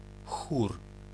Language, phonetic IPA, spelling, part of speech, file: Polish, [xur], chór, noun, Pl-chór.ogg